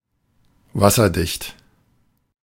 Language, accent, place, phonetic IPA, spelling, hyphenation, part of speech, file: German, Germany, Berlin, [ˈvasɐˌdɪçt], wasserdicht, was‧ser‧dicht, adjective, De-wasserdicht.ogg
- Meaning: 1. watertight, waterproof 2. ironclad, incontestable, solid (impossible to contradict or weaken)